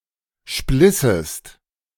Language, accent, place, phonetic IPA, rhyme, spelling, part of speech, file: German, Germany, Berlin, [ˈʃplɪsəst], -ɪsəst, splissest, verb, De-splissest.ogg
- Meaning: second-person singular subjunctive II of spleißen